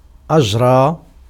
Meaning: 1. to let flow, to let happen: to grant 2. to let flow, to let happen: to impose 3. to conduct, to hold, to perform, to carry out
- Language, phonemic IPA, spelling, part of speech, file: Arabic, /ʔad͡ʒ.raː/, أجرى, verb, Ar-أجرى.ogg